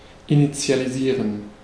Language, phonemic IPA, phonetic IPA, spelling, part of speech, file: German, /ɪnɪtsi̯aliˈziːʁən/, [ʔɪnɪtsi̯aliˈziːɐ̯n], initialisieren, verb, De-initialisieren.ogg
- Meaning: to initialize / initialise